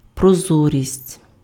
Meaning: transparency (condition of being transparent)
- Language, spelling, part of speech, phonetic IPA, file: Ukrainian, прозорість, noun, [prɔˈzɔrʲisʲtʲ], Uk-прозорість.ogg